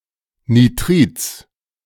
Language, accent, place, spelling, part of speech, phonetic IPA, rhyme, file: German, Germany, Berlin, Nitrids, noun, [niˈtʁiːt͡s], -iːt͡s, De-Nitrids.ogg
- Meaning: genitive singular of Nitrid